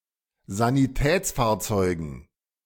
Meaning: dative plural of Sanitätsfahrzeug
- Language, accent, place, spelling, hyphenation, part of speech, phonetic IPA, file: German, Germany, Berlin, Sanitätsfahrzeugen, Sa‧ni‧täts‧fahr‧zeu‧gen, noun, [zaniˈtɛːt͡sˌfaːɐ̯t͡sɔɪ̯ɡn̩], De-Sanitätsfahrzeugen.ogg